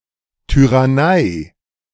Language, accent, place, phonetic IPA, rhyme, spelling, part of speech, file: German, Germany, Berlin, [ˌtyʁaˈnaɪ̯], -aɪ̯, Tyrannei, noun, De-Tyrannei.ogg
- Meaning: tyranny